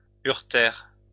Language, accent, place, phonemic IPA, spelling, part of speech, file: French, France, Lyon, /yʁ.tɛʁ/, uretère, noun, LL-Q150 (fra)-uretère.wav
- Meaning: ureter